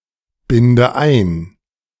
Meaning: inflection of einbinden: 1. first-person singular present 2. first/third-person singular subjunctive I 3. singular imperative
- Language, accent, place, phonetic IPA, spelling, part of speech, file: German, Germany, Berlin, [ˌbɪndə ˈaɪ̯n], binde ein, verb, De-binde ein.ogg